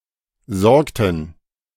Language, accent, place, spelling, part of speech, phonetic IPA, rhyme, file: German, Germany, Berlin, sorgten, verb, [ˈzɔʁktn̩], -ɔʁktn̩, De-sorgten.ogg
- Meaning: inflection of sorgen: 1. first/third-person plural preterite 2. first/third-person plural subjunctive II